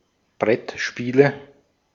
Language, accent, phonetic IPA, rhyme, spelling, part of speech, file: German, Austria, [ˈbʁɛtˌʃpiːlə], -ɛtʃpiːlə, Brettspiele, noun, De-at-Brettspiele.ogg
- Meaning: nominative/accusative/genitive plural of Brettspiel